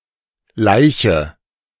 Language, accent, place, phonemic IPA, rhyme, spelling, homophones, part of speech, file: German, Germany, Berlin, /ˈlaɪ̯çə/, -aɪ̯çə, Laiche, Leiche, noun, De-Laiche.ogg
- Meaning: nominative/accusative/genitive plural of Laich